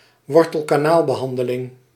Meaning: a root canal treatment (endodontic therapy)
- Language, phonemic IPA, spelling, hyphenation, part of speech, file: Dutch, /ˈʋɔr.təl.kaː.naːl.bəˌɦɑn.də.lɪŋ/, wortelkanaalbehandeling, wor‧tel‧ka‧naal‧be‧han‧de‧ling, noun, Nl-wortelkanaalbehandeling.ogg